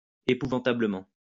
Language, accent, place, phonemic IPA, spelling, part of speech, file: French, France, Lyon, /e.pu.vɑ̃.ta.blə.mɑ̃/, épouvantablement, adverb, LL-Q150 (fra)-épouvantablement.wav
- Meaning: appallingly, terribly, dreadfully